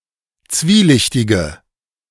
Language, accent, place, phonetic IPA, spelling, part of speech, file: German, Germany, Berlin, [ˈt͡sviːˌlɪçtɪɡə], zwielichtige, adjective, De-zwielichtige.ogg
- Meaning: inflection of zwielichtig: 1. strong/mixed nominative/accusative feminine singular 2. strong nominative/accusative plural 3. weak nominative all-gender singular